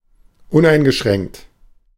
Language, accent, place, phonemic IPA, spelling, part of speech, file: German, Germany, Berlin, /ˈʊnʔaɪ̯nɡəˌʃʁɛŋkt/, uneingeschränkt, adjective, De-uneingeschränkt.ogg
- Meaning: unlimited, unrestrictive